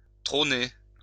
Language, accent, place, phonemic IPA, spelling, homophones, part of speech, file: French, France, Lyon, /tʁo.ne/, trôner, trôné / trônez, verb, LL-Q150 (fra)-trôner.wav
- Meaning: to sit on a throne